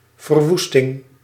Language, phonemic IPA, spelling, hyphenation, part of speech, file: Dutch, /vərˈʋus.tɪŋ/, verwoesting, ver‧woes‧ting, noun, Nl-verwoesting.ogg
- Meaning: devastation, destruction